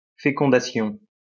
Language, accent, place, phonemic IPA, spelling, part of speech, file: French, France, Lyon, /fe.kɔ̃.da.sjɔ̃/, fécondation, noun, LL-Q150 (fra)-fécondation.wav
- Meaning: 1. fertilisation 2. impregnation 3. insemination 4. pollinisation